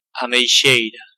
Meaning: plum tree
- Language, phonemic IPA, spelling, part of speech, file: Galician, /a.mejˈʃej.ɾa̝/, ameixeira, noun, Gl-ameixeira.ogg